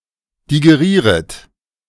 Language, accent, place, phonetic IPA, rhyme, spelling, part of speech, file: German, Germany, Berlin, [diɡeˈʁiːʁət], -iːʁət, digerieret, verb, De-digerieret.ogg
- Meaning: second-person plural subjunctive I of digerieren